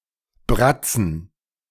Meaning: plural of Bratze
- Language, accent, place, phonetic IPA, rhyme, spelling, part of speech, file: German, Germany, Berlin, [ˈbʁat͡sn̩], -at͡sn̩, Bratzen, noun, De-Bratzen.ogg